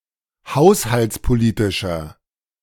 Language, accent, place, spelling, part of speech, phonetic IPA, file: German, Germany, Berlin, haushaltspolitischer, adjective, [ˈhaʊ̯shalt͡spoˌliːtɪʃɐ], De-haushaltspolitischer.ogg
- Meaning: inflection of haushaltspolitisch: 1. strong/mixed nominative masculine singular 2. strong genitive/dative feminine singular 3. strong genitive plural